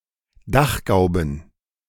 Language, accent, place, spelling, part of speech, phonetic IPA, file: German, Germany, Berlin, Dachgauben, noun, [ˈdaxˌɡaʊ̯bn̩], De-Dachgauben.ogg
- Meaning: plural of Dachgaube